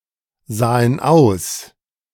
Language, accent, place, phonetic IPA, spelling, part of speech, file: German, Germany, Berlin, [ˌzaːən ˈaʊ̯s], sahen aus, verb, De-sahen aus.ogg
- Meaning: first/third-person plural preterite of aussehen